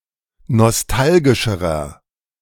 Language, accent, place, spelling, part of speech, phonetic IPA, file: German, Germany, Berlin, nostalgischerer, adjective, [nɔsˈtalɡɪʃəʁɐ], De-nostalgischerer.ogg
- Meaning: inflection of nostalgisch: 1. strong/mixed nominative masculine singular comparative degree 2. strong genitive/dative feminine singular comparative degree 3. strong genitive plural comparative degree